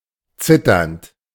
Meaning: present participle of zittern
- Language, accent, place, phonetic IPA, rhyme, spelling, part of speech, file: German, Germany, Berlin, [ˈt͡sɪtɐnt], -ɪtɐnt, zitternd, verb, De-zitternd.ogg